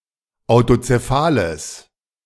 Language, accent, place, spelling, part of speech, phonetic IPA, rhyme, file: German, Germany, Berlin, autozephales, adjective, [aʊ̯tot͡seˈfaːləs], -aːləs, De-autozephales.ogg
- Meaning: strong/mixed nominative/accusative neuter singular of autozephal